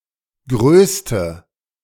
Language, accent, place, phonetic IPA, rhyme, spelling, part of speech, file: German, Germany, Berlin, [ˈɡʁøːstə], -øːstə, größte, adjective, De-größte.ogg
- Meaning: inflection of groß: 1. strong/mixed nominative/accusative feminine singular superlative degree 2. strong nominative/accusative plural superlative degree